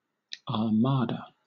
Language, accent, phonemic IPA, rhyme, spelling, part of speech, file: English, Southern England, /ɑːˈmɑːdə/, -ɑːdə, armada, noun, LL-Q1860 (eng)-armada.wav
- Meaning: 1. A fleet of warships, especially with reference to the Spanish Armada 2. Any large army or fleet of military vessels 3. A large flock of anything 4. A group of newts